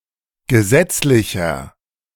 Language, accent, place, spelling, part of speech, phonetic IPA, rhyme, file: German, Germany, Berlin, gesetzlicher, adjective, [ɡəˈzɛt͡slɪçɐ], -ɛt͡slɪçɐ, De-gesetzlicher.ogg
- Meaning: inflection of gesetzlich: 1. strong/mixed nominative masculine singular 2. strong genitive/dative feminine singular 3. strong genitive plural